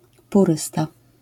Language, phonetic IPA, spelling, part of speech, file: Polish, [puˈrɨsta], purysta, noun, LL-Q809 (pol)-purysta.wav